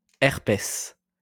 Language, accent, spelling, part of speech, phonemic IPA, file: French, France, herpès, noun, /ɛʁ.pɛs/, LL-Q150 (fra)-herpès.wav
- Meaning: herpes